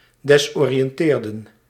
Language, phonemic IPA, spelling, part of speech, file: Dutch, /dɛzoːriɛnˈteːrə(n)/, desoriënteren, verb, Nl-desoriënteren.ogg
- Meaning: to disorientate